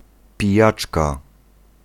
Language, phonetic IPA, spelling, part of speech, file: Polish, [pʲiˈjat͡ʃka], pijaczka, noun, Pl-pijaczka.ogg